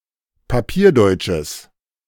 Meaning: strong/mixed nominative/accusative neuter singular of papierdeutsch
- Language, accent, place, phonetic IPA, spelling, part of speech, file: German, Germany, Berlin, [paˈpiːɐ̯ˌdɔɪ̯t͡ʃəs], papierdeutsches, adjective, De-papierdeutsches.ogg